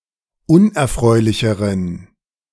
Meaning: inflection of unerfreulich: 1. strong genitive masculine/neuter singular comparative degree 2. weak/mixed genitive/dative all-gender singular comparative degree
- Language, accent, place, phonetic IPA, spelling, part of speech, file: German, Germany, Berlin, [ˈʊnʔɛɐ̯ˌfʁɔɪ̯lɪçəʁən], unerfreulicheren, adjective, De-unerfreulicheren.ogg